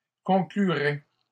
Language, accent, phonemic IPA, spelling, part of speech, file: French, Canada, /kɔ̃.kly.ʁɛ/, concluraient, verb, LL-Q150 (fra)-concluraient.wav
- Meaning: third-person plural conditional of conclure